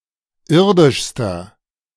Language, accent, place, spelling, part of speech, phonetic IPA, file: German, Germany, Berlin, irdischster, adjective, [ˈɪʁdɪʃstɐ], De-irdischster.ogg
- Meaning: inflection of irdisch: 1. strong/mixed nominative masculine singular superlative degree 2. strong genitive/dative feminine singular superlative degree 3. strong genitive plural superlative degree